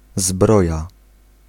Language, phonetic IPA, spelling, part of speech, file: Polish, [ˈzbrɔja], zbroja, noun, Pl-zbroja.ogg